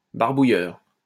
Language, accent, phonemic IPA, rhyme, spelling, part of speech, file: French, France, /baʁ.bu.jœʁ/, -jœʁ, barbouilleur, noun, LL-Q150 (fra)-barbouilleur.wav
- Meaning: dauber (poor painter)